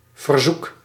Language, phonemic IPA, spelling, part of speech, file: Dutch, /vərˈzukə(n)/, verzoeken, verb / noun, Nl-verzoeken.ogg
- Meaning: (verb) 1. to request, to demand politely, to petition 2. to tempt, to lure; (noun) plural of verzoek